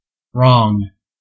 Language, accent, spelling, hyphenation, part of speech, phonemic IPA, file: English, US, wrong, wrong, adjective / adverb / noun / verb, /ˈɹɔŋ/, En-us-wrong.ogg
- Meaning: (adjective) 1. Incorrect or untrue 2. Asserting something incorrect or untrue 3. Immoral, not good, bad 4. Improper; unfit; unsuitable 5. Not working; out of order